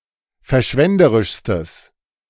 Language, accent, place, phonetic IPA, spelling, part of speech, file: German, Germany, Berlin, [fɛɐ̯ˈʃvɛndəʁɪʃstəs], verschwenderischstes, adjective, De-verschwenderischstes.ogg
- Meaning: strong/mixed nominative/accusative neuter singular superlative degree of verschwenderisch